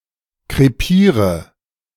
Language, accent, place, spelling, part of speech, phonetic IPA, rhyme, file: German, Germany, Berlin, krepiere, verb, [kʁeˈpiːʁə], -iːʁə, De-krepiere.ogg
- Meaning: inflection of krepieren: 1. first-person singular present 2. first/third-person singular subjunctive I 3. singular imperative